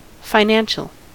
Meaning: 1. Related to finances 2. Having dues and fees paid up to date for a club or society
- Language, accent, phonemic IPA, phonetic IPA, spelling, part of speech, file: English, US, /faɪˈnæn.ʃəl/, [faɪˈnæn.ʃɫ̩], financial, adjective, En-us-financial.ogg